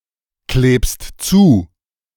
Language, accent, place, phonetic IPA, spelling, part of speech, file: German, Germany, Berlin, [ˌkleːpst ˈt͡suː], klebst zu, verb, De-klebst zu.ogg
- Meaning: second-person singular present of zukleben